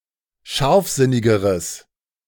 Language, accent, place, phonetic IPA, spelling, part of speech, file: German, Germany, Berlin, [ˈʃaʁfˌzɪnɪɡəʁəs], scharfsinnigeres, adjective, De-scharfsinnigeres.ogg
- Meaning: strong/mixed nominative/accusative neuter singular comparative degree of scharfsinnig